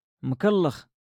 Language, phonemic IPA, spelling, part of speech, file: Moroccan Arabic, /mkal.lax/, مكلخ, adjective, LL-Q56426 (ary)-مكلخ.wav
- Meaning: stupid